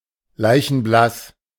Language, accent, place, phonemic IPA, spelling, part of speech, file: German, Germany, Berlin, /ˈlaɪ̯çn̩ˈblas/, leichenblass, adjective, De-leichenblass.ogg
- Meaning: deathly pale